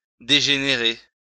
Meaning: 1. to degenerate 2. to take a turn for the worse, to go south
- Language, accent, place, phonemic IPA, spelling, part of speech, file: French, France, Lyon, /de.ʒe.ne.ʁe/, dégénérer, verb, LL-Q150 (fra)-dégénérer.wav